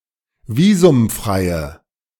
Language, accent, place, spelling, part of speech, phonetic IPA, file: German, Germany, Berlin, visumfreie, adjective, [ˈviːzʊmˌfʁaɪ̯ə], De-visumfreie.ogg
- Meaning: inflection of visumfrei: 1. strong/mixed nominative/accusative feminine singular 2. strong nominative/accusative plural 3. weak nominative all-gender singular